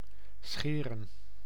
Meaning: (verb) 1. to shave (reflexive pronouns are used for self-directed actions) 2. to shear 3. to order, arrange, prepare 4. to stretch, strain (as of ropes or yarn)
- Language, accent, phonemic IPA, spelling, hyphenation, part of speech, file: Dutch, Netherlands, /ˈsxeː.rə(n)/, scheren, sche‧ren, verb / noun, Nl-scheren.ogg